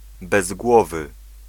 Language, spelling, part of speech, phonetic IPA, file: Polish, bezgłowy, adjective, [bɛzˈɡwɔvɨ], Pl-bezgłowy.ogg